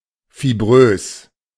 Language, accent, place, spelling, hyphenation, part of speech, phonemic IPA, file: German, Germany, Berlin, fibrös, fi‧b‧rös, adjective, /fiˈbʁøːs/, De-fibrös.ogg
- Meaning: fibrous